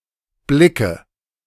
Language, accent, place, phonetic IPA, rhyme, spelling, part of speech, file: German, Germany, Berlin, [ˈblɪkə], -ɪkə, Blicke, noun, De-Blicke.ogg
- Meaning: nominative/accusative/genitive plural of Blick